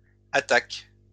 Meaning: third-person plural present indicative/subjunctive of attaquer
- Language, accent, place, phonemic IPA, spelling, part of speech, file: French, France, Lyon, /a.tak/, attaquent, verb, LL-Q150 (fra)-attaquent.wav